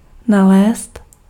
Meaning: 1. synonym of vlézt 2. to find
- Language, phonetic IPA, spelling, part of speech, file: Czech, [ˈnalɛːst], nalézt, verb, Cs-nalézt.ogg